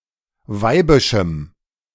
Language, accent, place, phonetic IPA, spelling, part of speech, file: German, Germany, Berlin, [ˈvaɪ̯bɪʃm̩], weibischem, adjective, De-weibischem.ogg
- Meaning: strong dative masculine/neuter singular of weibisch